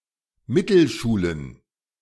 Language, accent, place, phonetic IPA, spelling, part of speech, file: German, Germany, Berlin, [ˈmɪtl̩ˌʃuːlən], Mittelschulen, noun, De-Mittelschulen.ogg
- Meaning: plural of Mittelschule